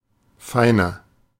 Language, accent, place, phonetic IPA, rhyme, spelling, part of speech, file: German, Germany, Berlin, [ˈfaɪ̯nɐ], -aɪ̯nɐ, feiner, adjective, De-feiner.ogg
- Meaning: 1. comparative degree of fein 2. inflection of fein: strong/mixed nominative masculine singular 3. inflection of fein: strong genitive/dative feminine singular